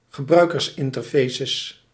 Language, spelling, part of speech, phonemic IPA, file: Dutch, gebruikersinterfaces, noun, /ɣəˈbrœykərsɪntərfesəs/, Nl-gebruikersinterfaces.ogg
- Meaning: plural of gebruikersinterface